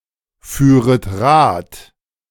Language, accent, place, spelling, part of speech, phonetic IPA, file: German, Germany, Berlin, führet Rad, verb, [ˌfyːʁət ˈʁaːt], De-führet Rad.ogg
- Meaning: second-person plural subjunctive II of Rad fahren